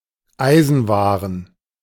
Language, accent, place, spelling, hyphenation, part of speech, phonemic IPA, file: German, Germany, Berlin, Eisenwaren, Ei‧sen‧wa‧ren, noun, /ˈaɪ̯zənˌvaːʁən/, De-Eisenwaren.ogg
- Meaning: ironmongery, hardware (fixtures, equipment, tools and devices used for general purpose construction and repair of a structure or object)